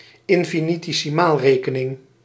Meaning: infinitesimal calculus
- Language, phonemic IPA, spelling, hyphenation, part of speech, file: Dutch, /ɪn.fi.ni.teː.siˈmaːlˌreː.kə.nɪŋ/, infinitesimaalrekening, in‧fi‧ni‧te‧si‧maal‧re‧ke‧ning, adjective, Nl-infinitesimaalrekening.ogg